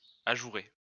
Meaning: to perforate
- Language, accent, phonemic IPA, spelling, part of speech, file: French, France, /a.ʒu.ʁe/, ajourer, verb, LL-Q150 (fra)-ajourer.wav